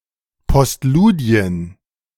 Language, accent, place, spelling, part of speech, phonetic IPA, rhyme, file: German, Germany, Berlin, Postludien, noun, [pɔstˈluːdi̯ən], -uːdi̯ən, De-Postludien.ogg
- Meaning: plural of Postludium